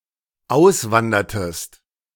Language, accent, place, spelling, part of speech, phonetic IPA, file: German, Germany, Berlin, auswandertest, verb, [ˈaʊ̯sˌvandɐtəst], De-auswandertest.ogg
- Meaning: inflection of auswandern: 1. second-person singular dependent preterite 2. second-person singular dependent subjunctive II